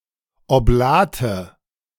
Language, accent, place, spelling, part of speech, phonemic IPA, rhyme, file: German, Germany, Berlin, Oblate, noun, /oˈblaːtə/, -aːtə, De-Oblate.ogg
- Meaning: 1. consecrated wafer, host (small thin round piece of unleavened bread) 2. wafer (a pastry consisting of thin round wafers with a sweet filling) 3. oblate